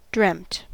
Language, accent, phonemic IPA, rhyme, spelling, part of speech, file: English, US, /dɹɛmt/, -ɛmt, dreamt, verb / adjective, En-us-dreamt.ogg
- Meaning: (verb) simple past and past participle of dream; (adjective) Imagined or only extant in a dream or dreams